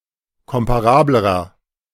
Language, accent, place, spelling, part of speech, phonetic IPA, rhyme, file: German, Germany, Berlin, komparablerer, adjective, [ˌkɔmpaˈʁaːbləʁɐ], -aːbləʁɐ, De-komparablerer.ogg
- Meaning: inflection of komparabel: 1. strong/mixed nominative masculine singular comparative degree 2. strong genitive/dative feminine singular comparative degree 3. strong genitive plural comparative degree